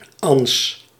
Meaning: a female given name
- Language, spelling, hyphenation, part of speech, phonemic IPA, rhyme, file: Dutch, Ans, Ans, proper noun, /ɑns/, -ɑns, Nl-Ans.ogg